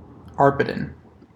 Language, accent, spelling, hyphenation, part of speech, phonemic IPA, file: English, US, Arpitan, Ar‧pi‧tan, proper noun, /ˈɑɹ.pɪ.tən/, En-US-Arpitan.ogg
- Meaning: Franco-Provençal